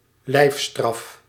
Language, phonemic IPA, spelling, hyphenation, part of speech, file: Dutch, /ˈlɛi̯f.strɑf/, lijfstraf, lijf‧straf, noun, Nl-lijfstraf.ogg
- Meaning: corporal punishment